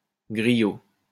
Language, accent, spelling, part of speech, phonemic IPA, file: French, France, griot, noun, /ɡʁi.jo/, LL-Q150 (fra)-griot.wav
- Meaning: 1. griot (African storyteller) 2. someone who tells stories to gullible people 3. griot (Haitian pork dish)